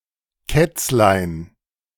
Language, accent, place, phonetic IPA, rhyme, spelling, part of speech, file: German, Germany, Berlin, [ˈkɛt͡slaɪ̯n], -ɛt͡slaɪ̯n, Kätzlein, noun, De-Kätzlein.ogg
- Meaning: diminutive of Katze